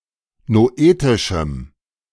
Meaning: strong dative masculine/neuter singular of noetisch
- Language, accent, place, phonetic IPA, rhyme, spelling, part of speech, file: German, Germany, Berlin, [noˈʔeːtɪʃm̩], -eːtɪʃm̩, noetischem, adjective, De-noetischem.ogg